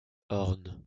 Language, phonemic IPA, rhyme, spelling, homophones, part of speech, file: French, /ɔʁn/, -ɔʁn, orne, ornent / ornes, noun / verb, LL-Q150 (fra)-orne.wav
- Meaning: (noun) manna ash (Fraxinus ornus); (verb) inflection of orner: 1. first/third-person singular present indicative/subjunctive 2. second-person singular imperative